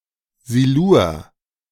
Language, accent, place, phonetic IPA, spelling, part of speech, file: German, Germany, Berlin, [ˈziluːɐ̯], Silur, proper noun, De-Silur.ogg
- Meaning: the Silurian